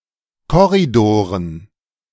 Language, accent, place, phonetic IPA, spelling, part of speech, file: German, Germany, Berlin, [ˈkɔʁidoːʁən], Korridoren, noun, De-Korridoren.ogg
- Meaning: dative plural of Korridor